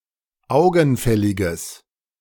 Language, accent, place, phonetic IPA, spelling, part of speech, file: German, Germany, Berlin, [ˈaʊ̯ɡn̩ˌfɛlɪɡəs], augenfälliges, adjective, De-augenfälliges.ogg
- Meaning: strong/mixed nominative/accusative neuter singular of augenfällig